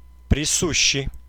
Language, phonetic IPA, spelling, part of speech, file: Russian, [prʲɪˈsuɕːɪj], присущий, adjective, Ru-присущий.ogg
- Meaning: inherent